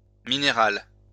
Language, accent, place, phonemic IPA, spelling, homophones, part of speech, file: French, France, Lyon, /mi.ne.ʁal/, minérales, minéral / minérale, adjective, LL-Q150 (fra)-minérales.wav
- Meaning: feminine plural of minéral